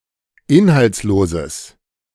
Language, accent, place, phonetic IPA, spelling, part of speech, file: German, Germany, Berlin, [ˈɪnhalt͡sˌloːzəs], inhaltsloses, adjective, De-inhaltsloses.ogg
- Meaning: strong/mixed nominative/accusative neuter singular of inhaltslos